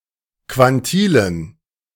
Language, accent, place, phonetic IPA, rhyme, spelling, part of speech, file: German, Germany, Berlin, [kvanˈtiːlən], -iːlən, Quantilen, noun, De-Quantilen.ogg
- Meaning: dative plural of Quantil